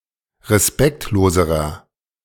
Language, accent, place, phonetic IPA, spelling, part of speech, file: German, Germany, Berlin, [ʁeˈspɛktloːzəʁɐ], respektloserer, adjective, De-respektloserer.ogg
- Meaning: inflection of respektlos: 1. strong/mixed nominative masculine singular comparative degree 2. strong genitive/dative feminine singular comparative degree 3. strong genitive plural comparative degree